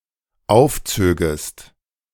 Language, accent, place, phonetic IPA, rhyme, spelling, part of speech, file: German, Germany, Berlin, [ˈaʊ̯fˌt͡søːɡəst], -aʊ̯ft͡søːɡəst, aufzögest, verb, De-aufzögest.ogg
- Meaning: second-person singular dependent subjunctive II of aufziehen